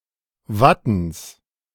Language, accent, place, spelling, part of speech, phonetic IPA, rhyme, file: German, Germany, Berlin, Wattens, noun, [ˈvatn̩s], -atn̩s, De-Wattens.ogg
- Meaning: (proper noun) a municipality of Tyrol, Austria; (noun) genitive singular of Watten